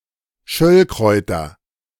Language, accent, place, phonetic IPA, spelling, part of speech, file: German, Germany, Berlin, [ˈʃœlkʁɔɪ̯tɐ], Schöllkräuter, noun, De-Schöllkräuter.ogg
- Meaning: nominative/accusative/genitive plural of Schöllkraut